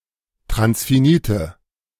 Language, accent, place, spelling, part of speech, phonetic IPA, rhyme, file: German, Germany, Berlin, transfinite, adjective, [tʁansfiˈniːtə], -iːtə, De-transfinite.ogg
- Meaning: inflection of transfinit: 1. strong/mixed nominative/accusative feminine singular 2. strong nominative/accusative plural 3. weak nominative all-gender singular